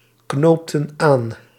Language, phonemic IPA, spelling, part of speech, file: Dutch, /ˈknoptə(n) ˈan/, knoopten aan, verb, Nl-knoopten aan.ogg
- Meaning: inflection of aanknopen: 1. plural past indicative 2. plural past subjunctive